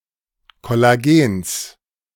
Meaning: genitive singular of Kollagen
- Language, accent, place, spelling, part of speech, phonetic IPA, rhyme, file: German, Germany, Berlin, Kollagens, noun, [kɔlaˈɡeːns], -eːns, De-Kollagens.ogg